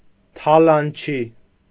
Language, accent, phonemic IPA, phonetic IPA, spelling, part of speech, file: Armenian, Eastern Armenian, /tʰɑlɑnˈt͡ʃʰi/, [tʰɑlɑnt͡ʃʰí], թալանչի, noun, Hy-թալանչի.ogg
- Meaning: 1. plunderer, robber, pillager 2. a corrupt official